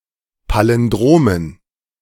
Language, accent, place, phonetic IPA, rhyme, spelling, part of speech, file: German, Germany, Berlin, [ˌpalɪnˈdʁoːmən], -oːmən, Palindromen, noun, De-Palindromen.ogg
- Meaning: dative plural of Palindrom